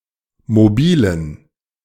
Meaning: inflection of mobil: 1. strong genitive masculine/neuter singular 2. weak/mixed genitive/dative all-gender singular 3. strong/weak/mixed accusative masculine singular 4. strong dative plural
- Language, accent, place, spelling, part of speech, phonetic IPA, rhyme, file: German, Germany, Berlin, mobilen, adjective, [moˈbiːlən], -iːlən, De-mobilen.ogg